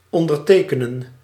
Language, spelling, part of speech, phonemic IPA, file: Dutch, ondertekenen, verb, /ˌɔn.dərˈteː.kə.nə(n)/, Nl-ondertekenen.ogg
- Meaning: to sign, to put a signature under